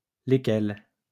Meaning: feminine plural of lequel
- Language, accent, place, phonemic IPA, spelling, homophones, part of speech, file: French, France, Lyon, /le.kɛl/, lesquelles, lesquels, pronoun, LL-Q150 (fra)-lesquelles.wav